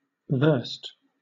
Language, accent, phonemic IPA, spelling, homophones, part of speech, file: English, Southern England, /vɜːst/, versed, verst, adjective / verb, LL-Q1860 (eng)-versed.wav
- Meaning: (adjective) Knowledgeable or skilled, either through study or experience; familiar; practiced; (verb) past of verse